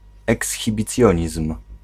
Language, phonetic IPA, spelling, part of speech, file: Polish, [ˌɛksxʲibʲiˈt͡sʲjɔ̇̃ɲism̥], ekshibicjonizm, noun, Pl-ekshibicjonizm.ogg